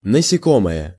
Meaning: 1. insect 2. Hexapoda
- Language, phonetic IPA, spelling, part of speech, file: Russian, [nəsʲɪˈkoməjə], насекомое, noun, Ru-насекомое.ogg